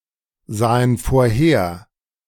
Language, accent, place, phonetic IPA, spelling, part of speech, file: German, Germany, Berlin, [ˌzaːən foːɐ̯ˈheːɐ̯], sahen vorher, verb, De-sahen vorher.ogg
- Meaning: first/third-person plural preterite of vorhersehen